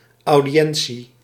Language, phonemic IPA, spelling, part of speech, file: Dutch, /ˌɑu̯.diˈɛn.(t)si/, audiëntie, noun, Nl-audiëntie.ogg
- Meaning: audience (formal meeting)